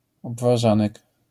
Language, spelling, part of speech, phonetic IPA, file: Polish, obwarzanek, noun, [ˌɔbvaˈʒãnɛk], LL-Q809 (pol)-obwarzanek.wav